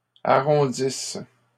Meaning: inflection of arrondir: 1. first/third-person singular present subjunctive 2. first-person singular imperfect subjunctive
- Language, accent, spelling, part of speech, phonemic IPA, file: French, Canada, arrondisse, verb, /a.ʁɔ̃.dis/, LL-Q150 (fra)-arrondisse.wav